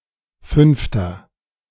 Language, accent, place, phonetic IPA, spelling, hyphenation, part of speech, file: German, Germany, Berlin, [ˈfʏnftɐ], fünfter, fünf‧ter, numeral, De-fünfter.ogg
- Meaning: inflection of fünfte: 1. strong/mixed nominative masculine singular 2. strong genitive/dative feminine singular 3. strong genitive plural